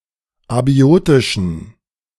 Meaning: inflection of abiotisch: 1. strong genitive masculine/neuter singular 2. weak/mixed genitive/dative all-gender singular 3. strong/weak/mixed accusative masculine singular 4. strong dative plural
- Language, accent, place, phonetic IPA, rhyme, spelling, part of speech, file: German, Germany, Berlin, [aˈbi̯oːtɪʃn̩], -oːtɪʃn̩, abiotischen, adjective, De-abiotischen.ogg